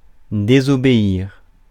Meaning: 1. to disobey (+ à a person) 2. to disobey (+ à rules or instructions)
- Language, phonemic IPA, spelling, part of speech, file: French, /de.zɔ.be.iʁ/, désobéir, verb, Fr-désobéir.ogg